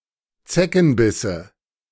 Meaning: nominative/accusative/genitive plural of Zeckenbiss
- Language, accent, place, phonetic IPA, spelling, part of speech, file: German, Germany, Berlin, [ˈt͡sɛkn̩ˌbɪsə], Zeckenbisse, noun, De-Zeckenbisse.ogg